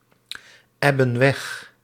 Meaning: inflection of wegebben: 1. plural present indicative 2. plural present subjunctive
- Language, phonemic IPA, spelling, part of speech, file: Dutch, /ˈɛbə(n) ˈwɛx/, ebben weg, verb, Nl-ebben weg.ogg